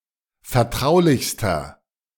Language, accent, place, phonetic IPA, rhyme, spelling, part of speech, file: German, Germany, Berlin, [fɛɐ̯ˈtʁaʊ̯lɪçstɐ], -aʊ̯lɪçstɐ, vertraulichster, adjective, De-vertraulichster.ogg
- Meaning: inflection of vertraulich: 1. strong/mixed nominative masculine singular superlative degree 2. strong genitive/dative feminine singular superlative degree 3. strong genitive plural superlative degree